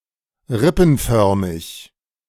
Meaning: rib-shaped, costiform
- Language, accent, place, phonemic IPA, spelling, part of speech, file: German, Germany, Berlin, /ˈʁɪpn̩ˌfœʁmɪç/, rippenförmig, adjective, De-rippenförmig.ogg